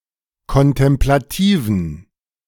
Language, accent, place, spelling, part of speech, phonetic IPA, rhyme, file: German, Germany, Berlin, kontemplativen, adjective, [kɔntɛmplaˈtiːvn̩], -iːvn̩, De-kontemplativen.ogg
- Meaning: inflection of kontemplativ: 1. strong genitive masculine/neuter singular 2. weak/mixed genitive/dative all-gender singular 3. strong/weak/mixed accusative masculine singular 4. strong dative plural